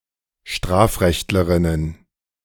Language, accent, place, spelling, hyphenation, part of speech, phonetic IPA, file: German, Germany, Berlin, Strafrechtlerinnen, Straf‧recht‧le‧rin‧nen, noun, [ˈʃtʁaːfˌʁɛçtləʁɪnən], De-Strafrechtlerinnen.ogg
- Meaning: plural of Strafrechtlerin